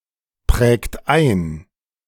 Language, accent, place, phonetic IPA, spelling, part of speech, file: German, Germany, Berlin, [ˌpʁɛːkt ˈaɪ̯n], prägt ein, verb, De-prägt ein.ogg
- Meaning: inflection of einprägen: 1. second-person plural present 2. third-person singular present 3. plural imperative